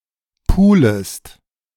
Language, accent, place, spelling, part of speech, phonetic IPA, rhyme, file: German, Germany, Berlin, pulest, verb, [ˈpuːləst], -uːləst, De-pulest.ogg
- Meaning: second-person singular subjunctive I of pulen